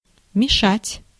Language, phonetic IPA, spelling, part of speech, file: Russian, [mʲɪˈʂatʲ], мешать, verb, Ru-мешать.ogg
- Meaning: 1. to stir 2. to mix, to mingle, to blend 3. to mix up, to confuse 4. to hinder, to impede, to prevent, to interfere with 5. to bother, to make difficulties, to hurt a little